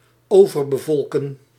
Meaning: to overpopulate
- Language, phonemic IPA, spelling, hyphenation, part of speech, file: Dutch, /ˌoːvər.bəˈvɔlkə(n)/, overbevolken, over‧be‧vol‧ken, verb, Nl-overbevolken.ogg